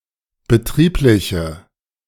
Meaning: inflection of betrieblich: 1. strong/mixed nominative/accusative feminine singular 2. strong nominative/accusative plural 3. weak nominative all-gender singular
- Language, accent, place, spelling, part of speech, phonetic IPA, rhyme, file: German, Germany, Berlin, betriebliche, adjective, [bəˈtʁiːplɪçə], -iːplɪçə, De-betriebliche.ogg